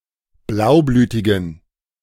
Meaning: inflection of blaublütig: 1. strong genitive masculine/neuter singular 2. weak/mixed genitive/dative all-gender singular 3. strong/weak/mixed accusative masculine singular 4. strong dative plural
- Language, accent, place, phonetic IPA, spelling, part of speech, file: German, Germany, Berlin, [ˈblaʊ̯ˌblyːtɪɡn̩], blaublütigen, adjective, De-blaublütigen.ogg